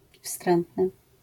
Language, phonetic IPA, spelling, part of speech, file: Polish, [ˈfstrɛ̃ntnɨ], wstrętny, adjective, LL-Q809 (pol)-wstrętny.wav